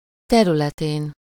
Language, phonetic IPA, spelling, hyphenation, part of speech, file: Hungarian, [ˈtɛrylɛteːn], területén, te‧rü‧le‧tén, noun, Hu-területén.ogg
- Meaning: superessive singular of területe